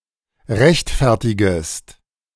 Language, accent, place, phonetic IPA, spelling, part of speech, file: German, Germany, Berlin, [ˈʁɛçtˌfɛʁtɪɡəst], rechtfertigest, verb, De-rechtfertigest.ogg
- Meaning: second-person singular subjunctive I of rechtfertigen